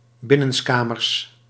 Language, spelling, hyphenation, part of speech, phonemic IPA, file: Dutch, binnenskamers, bin‧nens‧ka‧mers, adverb, /ˌbɪ.nə(n)sˈkaː.mərs/, Nl-binnenskamers.ogg
- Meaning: 1. indoors, inside a building 2. privately, not publicly 3. secretly